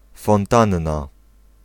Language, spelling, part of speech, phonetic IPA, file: Polish, fontanna, noun, [fɔ̃nˈtãnːa], Pl-fontanna.ogg